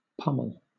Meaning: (verb) 1. To hit or strike heavily and repeatedly 2. To scornfully criticize someone or something; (noun) Alternative form of pommel
- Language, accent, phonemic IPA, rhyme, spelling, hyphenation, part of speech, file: English, Southern England, /ˈpʌməl/, -ʌməl, pummel, pum‧mel, verb / noun, LL-Q1860 (eng)-pummel.wav